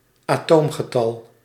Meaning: an atomic number, an element's number of protons and hence position in the periodic table
- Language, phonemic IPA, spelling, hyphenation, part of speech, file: Dutch, /aːˈtoːm.ɣəˌtɑl/, atoomgetal, atoom‧ge‧tal, noun, Nl-atoomgetal.ogg